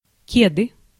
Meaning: 1. KDE 2. nominative/accusative plural of кед (ked, “plimsoll, sneaker, Chuck”) 3. nominative/accusative plural of ке́да (kéda, “plimsoll, sneaker, Chuck”) 4. genitive singular of ке́да (kéda)
- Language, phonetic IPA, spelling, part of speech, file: Russian, [ˈkʲedɨ], кеды, noun, Ru-кеды.ogg